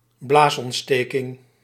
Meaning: bladder infection, cystitis
- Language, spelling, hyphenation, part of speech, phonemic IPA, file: Dutch, blaasontsteking, blaas‧ont‧ste‧king, noun, /ˈblaːs.ɔntˌsteː.kɪŋ/, Nl-blaasontsteking.ogg